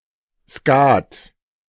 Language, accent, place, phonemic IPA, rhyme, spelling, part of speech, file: German, Germany, Berlin, /ˈʃkaːt/, -aːt, Skat, noun, De-Skat.ogg
- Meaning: 1. A type of trick-taking card game played with 3 players, popular in Germany 2. The two discards in the game of Skat